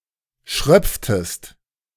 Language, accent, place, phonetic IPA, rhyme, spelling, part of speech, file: German, Germany, Berlin, [ˈʃʁœp͡ftəst], -œp͡ftəst, schröpftest, verb, De-schröpftest.ogg
- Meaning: inflection of schröpfen: 1. second-person singular preterite 2. second-person singular subjunctive II